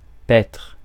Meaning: to graze
- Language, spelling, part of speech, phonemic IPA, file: French, paître, verb, /pɛtʁ/, Fr-paître.ogg